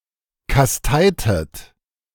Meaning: inflection of kasteien: 1. second-person plural preterite 2. second-person plural subjunctive II
- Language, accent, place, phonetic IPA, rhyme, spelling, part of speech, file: German, Germany, Berlin, [kasˈtaɪ̯tət], -aɪ̯tət, kasteitet, verb, De-kasteitet.ogg